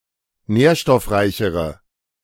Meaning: inflection of nährstoffreich: 1. strong/mixed nominative/accusative feminine singular comparative degree 2. strong nominative/accusative plural comparative degree
- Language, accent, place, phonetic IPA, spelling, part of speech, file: German, Germany, Berlin, [ˈnɛːɐ̯ʃtɔfˌʁaɪ̯çəʁə], nährstoffreichere, adjective, De-nährstoffreichere.ogg